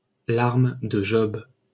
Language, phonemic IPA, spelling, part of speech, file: French, /ʒɔb/, Job, proper noun, LL-Q150 (fra)-Job.wav
- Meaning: Job